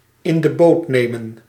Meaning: to pull a prank on; to play a practical joke on, (also) to deceive, to con
- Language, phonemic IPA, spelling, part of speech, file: Dutch, /ɪn də ˈboːt ˈneː.mə(n)/, in de boot nemen, verb, Nl-in de boot nemen.ogg